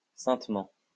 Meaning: holily, saintly
- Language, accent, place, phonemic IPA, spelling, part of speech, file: French, France, Lyon, /sɛ̃t.mɑ̃/, saintement, adverb, LL-Q150 (fra)-saintement.wav